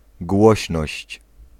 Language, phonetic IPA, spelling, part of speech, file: Polish, [ˈɡwɔɕnɔɕt͡ɕ], głośność, noun, Pl-głośność.ogg